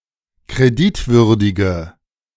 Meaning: inflection of kreditwürdig: 1. strong/mixed nominative/accusative feminine singular 2. strong nominative/accusative plural 3. weak nominative all-gender singular
- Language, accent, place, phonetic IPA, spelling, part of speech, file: German, Germany, Berlin, [kʁeˈdɪtˌvʏʁdɪɡə], kreditwürdige, adjective, De-kreditwürdige.ogg